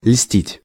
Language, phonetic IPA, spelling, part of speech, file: Russian, [lʲsʲtʲitʲ], льстить, verb, Ru-льстить.ogg
- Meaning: 1. to flatter, to adulate 2. to flatter, to please